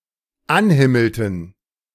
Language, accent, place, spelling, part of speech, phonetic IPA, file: German, Germany, Berlin, anhimmelten, verb, [ˈanˌhɪml̩tn̩], De-anhimmelten.ogg
- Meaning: inflection of anhimmeln: 1. first/third-person plural dependent preterite 2. first/third-person plural dependent subjunctive II